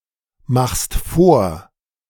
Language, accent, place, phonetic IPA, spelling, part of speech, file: German, Germany, Berlin, [ˌmaxst ˈfoːɐ̯], machst vor, verb, De-machst vor.ogg
- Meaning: second-person singular present of vormachen